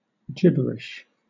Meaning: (noun) 1. Speech or writing that is unintelligible, incoherent or meaningless 2. Needlessly obscure or overly technical language
- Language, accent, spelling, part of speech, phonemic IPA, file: English, Southern England, gibberish, noun / adjective, /ˈd͡ʒɪ.bə.ɹɪʃ/, LL-Q1860 (eng)-gibberish.wav